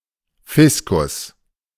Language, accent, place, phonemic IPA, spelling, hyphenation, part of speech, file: German, Germany, Berlin, /ˈfɪskʊs/, Fiskus, Fis‧kus, noun, De-Fiskus.ogg
- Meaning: treasury, exchequer